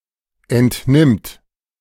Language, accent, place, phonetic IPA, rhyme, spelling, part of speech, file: German, Germany, Berlin, [ɛntˈnɪmt], -ɪmt, entnimmt, verb, De-entnimmt.ogg
- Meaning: third-person singular present of entnehmen